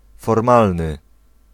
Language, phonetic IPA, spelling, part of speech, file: Polish, [fɔrˈmalnɨ], formalny, adjective, Pl-formalny.ogg